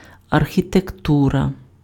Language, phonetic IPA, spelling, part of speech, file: Ukrainian, [ɐrxʲitekˈturɐ], архітектура, noun, Uk-архітектура.ogg
- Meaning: architecture